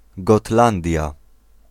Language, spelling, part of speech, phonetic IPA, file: Polish, Gotlandia, proper noun, [ɡɔˈtlãndʲja], Pl-Gotlandia.ogg